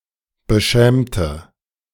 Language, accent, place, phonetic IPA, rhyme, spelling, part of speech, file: German, Germany, Berlin, [bəˈʃɛːmtə], -ɛːmtə, beschämte, adjective / verb, De-beschämte.ogg
- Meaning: inflection of beschämt: 1. strong/mixed nominative/accusative feminine singular 2. strong nominative/accusative plural 3. weak nominative all-gender singular